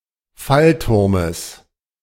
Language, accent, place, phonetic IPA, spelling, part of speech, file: German, Germany, Berlin, [ˈfalˌtʊʁməs], Fallturmes, noun, De-Fallturmes.ogg
- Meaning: genitive singular of Fallturm